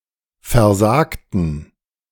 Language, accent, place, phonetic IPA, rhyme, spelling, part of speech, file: German, Germany, Berlin, [fɛɐ̯ˈzaːktn̩], -aːktn̩, versagten, adjective / verb, De-versagten.ogg
- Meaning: inflection of versagen: 1. first/third-person plural preterite 2. first/third-person plural subjunctive II